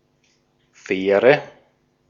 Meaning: ferry
- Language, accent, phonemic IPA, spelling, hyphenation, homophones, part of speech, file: German, Austria, /ˈfɛːrə/, Fähre, Fäh‧re, faire, noun, De-at-Fähre.ogg